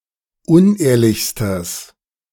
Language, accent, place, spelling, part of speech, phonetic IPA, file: German, Germany, Berlin, unehrlichstes, adjective, [ˈʊnˌʔeːɐ̯lɪçstəs], De-unehrlichstes.ogg
- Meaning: strong/mixed nominative/accusative neuter singular superlative degree of unehrlich